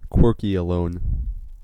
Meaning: Someone who enjoys being single (but is not opposed to being in a relationship) and generally prefers to be alone rather than dating for the sake of being in a couple
- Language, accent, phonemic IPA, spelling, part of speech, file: English, US, /ˈkwɝki.əloʊn/, quirkyalone, noun, En-us-quirkyalone.ogg